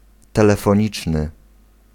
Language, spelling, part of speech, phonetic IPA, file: Polish, telefoniczny, adjective, [ˌtɛlɛfɔ̃ˈɲit͡ʃnɨ], Pl-telefoniczny.ogg